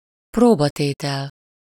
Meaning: 1. test, challenge (a difficult task that puts somebody's capability to the test) 2. trial, ordeal (a difficult experience that puts somebody's mental and emotional endurance to the test)
- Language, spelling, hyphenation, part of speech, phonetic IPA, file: Hungarian, próbatétel, pró‧ba‧té‧tel, noun, [ˈproːbɒteːtɛl], Hu-próbatétel.ogg